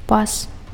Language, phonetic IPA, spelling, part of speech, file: Belarusian, [pas], пас, noun, Be-пас.ogg
- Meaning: belt, girdle